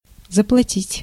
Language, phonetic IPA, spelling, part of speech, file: Russian, [zəpɫɐˈtʲitʲ], заплатить, verb, Ru-заплатить.ogg
- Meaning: to pay